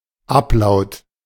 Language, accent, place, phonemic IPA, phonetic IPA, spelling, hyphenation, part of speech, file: German, Germany, Berlin, /ˈaplaʊ̯t/, [ˈʔaplaʊ̯tʰ], Ablaut, Ab‧laut, noun, De-Ablaut.ogg
- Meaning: ablaut (substitution of one root vowel for another)